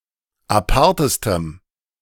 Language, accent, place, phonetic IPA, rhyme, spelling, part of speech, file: German, Germany, Berlin, [aˈpaʁtəstəm], -aʁtəstəm, apartestem, adjective, De-apartestem.ogg
- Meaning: strong dative masculine/neuter singular superlative degree of apart